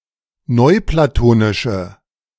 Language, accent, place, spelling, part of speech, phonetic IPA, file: German, Germany, Berlin, neuplatonische, adjective, [ˈnɔɪ̯plaˌtoːnɪʃə], De-neuplatonische.ogg
- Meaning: inflection of neuplatonisch: 1. strong/mixed nominative/accusative feminine singular 2. strong nominative/accusative plural 3. weak nominative all-gender singular